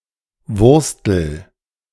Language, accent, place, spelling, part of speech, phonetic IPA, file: German, Germany, Berlin, wurstel, verb, [ˈvʊʁstl̩], De-wurstel.ogg
- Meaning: inflection of wursteln: 1. first-person singular present 2. singular imperative